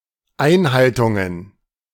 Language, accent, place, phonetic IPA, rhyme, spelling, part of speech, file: German, Germany, Berlin, [ˈaɪ̯nˌhaltʊŋən], -aɪ̯nhaltʊŋən, Einhaltungen, noun, De-Einhaltungen.ogg
- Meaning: plural of Einhaltung